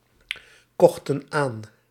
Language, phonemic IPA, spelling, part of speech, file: Dutch, /ˈkɔxtə(n) ˈan/, kochten aan, verb, Nl-kochten aan.ogg
- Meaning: inflection of aankopen: 1. plural past indicative 2. plural past subjunctive